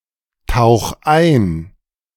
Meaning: 1. singular imperative of eintauchen 2. first-person singular present of eintauchen
- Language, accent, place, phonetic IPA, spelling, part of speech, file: German, Germany, Berlin, [ˌtaʊ̯x ˈaɪ̯n], tauch ein, verb, De-tauch ein.ogg